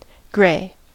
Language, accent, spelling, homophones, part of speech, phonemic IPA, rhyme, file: English, US, gray, grey, adjective / verb / noun, /ɡɹeɪ/, -eɪ, En-us-gray.ogg
- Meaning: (adjective) 1. Of a color between black and white, having neutral hue and intermediate brightness 2. Dreary, gloomy, cloudy 3. Of indistinct, disputed or uncertain quality or acceptability